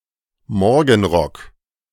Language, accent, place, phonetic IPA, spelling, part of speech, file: German, Germany, Berlin, [ˈmɔʁɡn̩ˌʁɔk], Morgenrock, noun, De-Morgenrock.ogg
- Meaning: any robe-like garment worn before dressing, especially a dressing gown/bathrobe